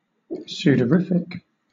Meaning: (adjective) 1. In a state of perspiration; covered in sweat; sudoriferous, sweaty 2. That produces sweating; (noun) A medicine that produces sweating
- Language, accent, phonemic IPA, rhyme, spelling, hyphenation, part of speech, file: English, Southern England, /ˌs(j)uːdəˈɹɪfɪk/, -ɪfɪk, sudorific, su‧dor‧i‧fic, adjective / noun, LL-Q1860 (eng)-sudorific.wav